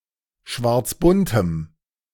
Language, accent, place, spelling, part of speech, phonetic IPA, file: German, Germany, Berlin, schwarzbuntem, adjective, [ˈʃvaʁt͡sˌbʊntəm], De-schwarzbuntem.ogg
- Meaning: strong dative masculine/neuter singular of schwarzbunt